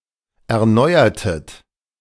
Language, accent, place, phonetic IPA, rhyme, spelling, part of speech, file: German, Germany, Berlin, [ɛɐ̯ˈnɔɪ̯ɐtət], -ɔɪ̯ɐtət, erneuertet, verb, De-erneuertet.ogg
- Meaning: inflection of erneuern: 1. second-person plural preterite 2. second-person plural subjunctive II